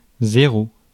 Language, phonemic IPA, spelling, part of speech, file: French, /ze.ʁo/, zéro, numeral / noun, Fr-zéro.ogg
- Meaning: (numeral) zero; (noun) 1. zero, nought, oh (in reading numbers) 2. zero, nought 3. a zero, a person of very poor value